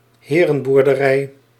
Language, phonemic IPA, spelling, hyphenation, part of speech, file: Dutch, /ˈɦeː.rə(n).bur.dəˌrɛi̯/, herenboerderij, he‧ren‧boer‧de‧rij, noun, Nl-herenboerderij.ogg
- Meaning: gentleman's farm (farm owned by a patrician landowner)